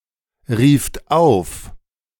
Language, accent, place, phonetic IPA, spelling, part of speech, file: German, Germany, Berlin, [ˌʁiːft ˈaʊ̯f], rieft auf, verb, De-rieft auf.ogg
- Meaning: second-person plural preterite of aufrufen